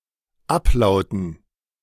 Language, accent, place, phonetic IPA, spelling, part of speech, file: German, Germany, Berlin, [ˈapˌlaʊ̯tn̩], Ablauten, noun, De-Ablauten.ogg
- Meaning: dative plural of Ablaut